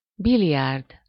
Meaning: any cue sport, such as billiards or pool (a game played on a tabletop, usually with several balls, one or more of which is hit by a cue)
- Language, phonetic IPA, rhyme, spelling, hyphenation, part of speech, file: Hungarian, [ˈbilijaːrd], -aːrd, biliárd, bi‧li‧árd, noun, Hu-biliárd.ogg